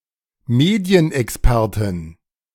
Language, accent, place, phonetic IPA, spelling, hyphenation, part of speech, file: German, Germany, Berlin, [ˈmeːdi̯ənʔɛksˌpɛʁtɪn], Medienexpertin, Me‧di‧en‧ex‧per‧tin, noun, De-Medienexpertin.ogg
- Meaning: female media expert, female expert on the media